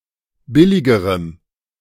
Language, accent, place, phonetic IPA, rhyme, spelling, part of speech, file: German, Germany, Berlin, [ˈbɪlɪɡəʁəm], -ɪlɪɡəʁəm, billigerem, adjective, De-billigerem.ogg
- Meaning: strong dative masculine/neuter singular comparative degree of billig